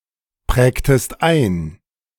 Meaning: inflection of einprägen: 1. second-person singular preterite 2. second-person singular subjunctive II
- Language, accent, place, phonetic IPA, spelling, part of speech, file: German, Germany, Berlin, [ˌpʁɛːktəst ˈaɪ̯n], prägtest ein, verb, De-prägtest ein.ogg